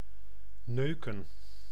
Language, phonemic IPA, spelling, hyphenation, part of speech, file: Dutch, /ˈnøːkə(n)/, neuken, neu‧ken, verb, Nl-neuken.ogg
- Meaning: 1. to fuck, to screw 2. to fuck, to disrespect; used to express one's displeasure or disrespect for something or someone 3. to bother, to be annoying to 4. to hit, to ram, to push